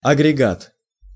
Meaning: 1. unit, set 2. aggregate, aggregation 3. outfit, plant
- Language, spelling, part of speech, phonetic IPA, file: Russian, агрегат, noun, [ɐɡrʲɪˈɡat], Ru-агрегат.ogg